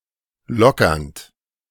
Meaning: present participle of lockern
- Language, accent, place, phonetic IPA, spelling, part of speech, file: German, Germany, Berlin, [ˈlɔkɐnt], lockernd, verb, De-lockernd.ogg